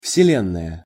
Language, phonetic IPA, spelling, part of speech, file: Russian, [fsʲɪˈlʲenːəjə], вселенная, noun, Ru-вселенная.ogg
- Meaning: universe, the world